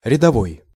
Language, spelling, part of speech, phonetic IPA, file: Russian, рядовой, adjective / noun, [rʲɪdɐˈvoj], Ru-рядовой.ogg
- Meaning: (adjective) 1. row, line 2. ordinary, common, average, routine 3. rank and file; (noun) private (rank)